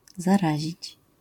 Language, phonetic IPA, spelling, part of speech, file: Polish, [zaˈraʑit͡ɕ], zarazić, verb, LL-Q809 (pol)-zarazić.wav